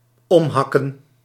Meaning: to chop down, to fell (chiefly of trees, plants, etc.)
- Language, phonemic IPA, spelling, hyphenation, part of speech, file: Dutch, /ˈɔmˌɦɑ.kə(n)/, omhakken, om‧hak‧ken, verb, Nl-omhakken.ogg